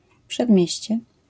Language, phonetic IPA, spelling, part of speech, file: Polish, [pʃɛdˈmʲjɛ̇ɕt͡ɕɛ], przedmieście, noun, LL-Q809 (pol)-przedmieście.wav